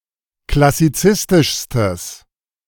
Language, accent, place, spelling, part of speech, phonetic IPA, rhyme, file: German, Germany, Berlin, klassizistischstes, adjective, [klasiˈt͡sɪstɪʃstəs], -ɪstɪʃstəs, De-klassizistischstes.ogg
- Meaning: strong/mixed nominative/accusative neuter singular superlative degree of klassizistisch